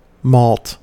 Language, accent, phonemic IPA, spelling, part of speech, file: English, US, /mɔlt/, malt, noun / verb, En-us-malt.ogg
- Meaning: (noun) 1. Malted grain (sprouted grain) (usually barley), used in brewing and otherwise 2. Malt liquor, especially malt whisky 3. A milkshake with malted milk powder added for flavor